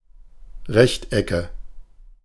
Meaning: nominative/accusative/genitive plural of Rechteck
- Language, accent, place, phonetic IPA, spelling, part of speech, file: German, Germany, Berlin, [ˈʁɛçtʔɛkə], Rechtecke, noun, De-Rechtecke.ogg